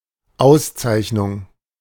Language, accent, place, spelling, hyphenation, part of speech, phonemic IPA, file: German, Germany, Berlin, Auszeichnung, Aus‧zeich‧nung, noun, /ˈaʊ̯sˌtsaɪ̯çnʊŋ/, De-Auszeichnung.ogg
- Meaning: 1. distinction 2. award 3. pricing